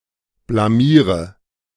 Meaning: inflection of blamieren: 1. first-person singular present 2. singular imperative 3. first/third-person singular subjunctive I
- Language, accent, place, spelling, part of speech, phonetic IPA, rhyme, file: German, Germany, Berlin, blamiere, verb, [blaˈmiːʁə], -iːʁə, De-blamiere.ogg